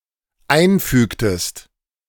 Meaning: inflection of einfügen: 1. second-person singular dependent preterite 2. second-person singular dependent subjunctive II
- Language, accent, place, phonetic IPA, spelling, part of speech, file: German, Germany, Berlin, [ˈaɪ̯nˌfyːktəst], einfügtest, verb, De-einfügtest.ogg